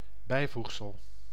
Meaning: addendum, appendix
- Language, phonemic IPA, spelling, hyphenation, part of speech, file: Dutch, /ˈbɛi̯ˌvux.səl/, bijvoegsel, bij‧voeg‧sel, noun, Nl-bijvoegsel.ogg